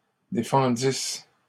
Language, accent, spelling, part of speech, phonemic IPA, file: French, Canada, défendisses, verb, /de.fɑ̃.dis/, LL-Q150 (fra)-défendisses.wav
- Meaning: second-person singular imperfect subjunctive of défendre